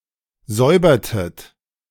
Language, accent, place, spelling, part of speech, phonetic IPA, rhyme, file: German, Germany, Berlin, säubertet, verb, [ˈzɔɪ̯bɐtət], -ɔɪ̯bɐtət, De-säubertet.ogg
- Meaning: inflection of säubern: 1. second-person plural preterite 2. second-person plural subjunctive II